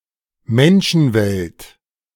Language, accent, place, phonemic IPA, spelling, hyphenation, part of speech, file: German, Germany, Berlin, /ˈmɛnʃn̩ˌvɛlt/, Menschenwelt, Men‧schen‧welt, noun, De-Menschenwelt.ogg
- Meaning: human world